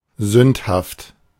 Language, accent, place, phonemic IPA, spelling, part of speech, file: German, Germany, Berlin, /ˈzʏnthaft/, sündhaft, adjective, De-sündhaft.ogg
- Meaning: sinful, wicked